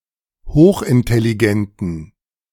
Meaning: inflection of hochintelligent: 1. strong genitive masculine/neuter singular 2. weak/mixed genitive/dative all-gender singular 3. strong/weak/mixed accusative masculine singular 4. strong dative plural
- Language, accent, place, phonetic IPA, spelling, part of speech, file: German, Germany, Berlin, [ˈhoːxʔɪntɛliˌɡɛntn̩], hochintelligenten, adjective, De-hochintelligenten.ogg